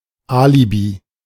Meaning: alibi
- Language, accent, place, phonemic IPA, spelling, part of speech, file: German, Germany, Berlin, /ˈaːlibi/, Alibi, noun, De-Alibi.ogg